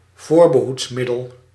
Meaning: 1. a contraceptive 2. a medical preventive, something that prevents ailments
- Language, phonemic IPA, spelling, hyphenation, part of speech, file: Dutch, /ˈvoːr.bə.ɦutsˌmɪ.dəl/, voorbehoedsmiddel, voor‧be‧hoeds‧mid‧del, noun, Nl-voorbehoedsmiddel.ogg